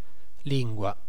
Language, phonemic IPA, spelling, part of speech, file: Italian, /ˈliŋ.ɡwa/, lingua, noun, It-lingua.ogg